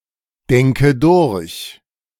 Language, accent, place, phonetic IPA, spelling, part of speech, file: German, Germany, Berlin, [ˌdɛŋkə ˈdʊʁç], denke durch, verb, De-denke durch.ogg
- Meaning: inflection of durchdenken: 1. first-person singular present 2. first/third-person singular subjunctive I 3. singular imperative